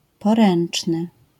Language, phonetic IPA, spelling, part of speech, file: Polish, [pɔˈrɛ̃n͇t͡ʃnɨ], poręczny, adjective, LL-Q809 (pol)-poręczny.wav